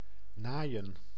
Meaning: 1. to sew 2. to screw, to fuck, to have sex 3. to screw, to screw over (someone)
- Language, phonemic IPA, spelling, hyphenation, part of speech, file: Dutch, /ˈnaːi̯ə(n)/, naaien, naai‧en, verb, Nl-naaien.ogg